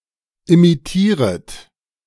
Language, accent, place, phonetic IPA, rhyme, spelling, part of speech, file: German, Germany, Berlin, [imiˈtiːʁət], -iːʁət, imitieret, verb, De-imitieret.ogg
- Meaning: second-person plural subjunctive I of imitieren